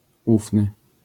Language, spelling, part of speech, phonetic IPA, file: Polish, ufny, adjective, [ˈufnɨ], LL-Q809 (pol)-ufny.wav